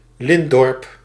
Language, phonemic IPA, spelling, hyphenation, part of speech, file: Dutch, /ˈlɪnt.dɔrp/, lintdorp, lint‧dorp, noun, Nl-lintdorp.ogg
- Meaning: a linear village